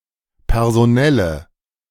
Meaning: inflection of personell: 1. strong/mixed nominative/accusative feminine singular 2. strong nominative/accusative plural 3. weak nominative all-gender singular
- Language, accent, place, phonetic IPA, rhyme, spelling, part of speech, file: German, Germany, Berlin, [pɛʁzoˈnɛlə], -ɛlə, personelle, adjective, De-personelle.ogg